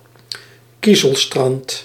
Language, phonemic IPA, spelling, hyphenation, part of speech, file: Dutch, /ˈki.zəlˌstrɑnt/, kiezelstrand, kie‧zel‧strand, noun, Nl-kiezelstrand.ogg
- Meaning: a pebble beach, a shingle beach